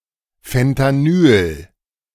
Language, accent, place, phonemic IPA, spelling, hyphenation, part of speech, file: German, Germany, Berlin, /fɛntaˈnyːl/, Fentanyl, Fen‧ta‧nyl, noun, De-Fentanyl.ogg
- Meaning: fentanyl